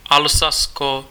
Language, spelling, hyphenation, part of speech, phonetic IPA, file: Czech, Alsasko, Al‧sa‧s‧ko, proper noun, [ˈalsasko], Cs-Alsasko.ogg
- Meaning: Alsace (a cultural region, former administrative region and historical province of France; since 2016, part of the administrative region of Grand Est)